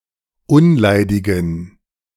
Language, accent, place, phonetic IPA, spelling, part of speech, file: German, Germany, Berlin, [ˈʊnˌlaɪ̯dɪɡn̩], unleidigen, adjective, De-unleidigen.ogg
- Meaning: inflection of unleidig: 1. strong genitive masculine/neuter singular 2. weak/mixed genitive/dative all-gender singular 3. strong/weak/mixed accusative masculine singular 4. strong dative plural